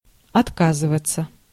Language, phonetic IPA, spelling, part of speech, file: Russian, [ɐtˈkazɨvət͡sə], отказываться, verb, Ru-отказываться.ogg
- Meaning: 1. to abandon 2. to abdicate 3. to refuse 4. to forgo 5. to renounce 6. passive of отка́зывать (otkázyvatʹ)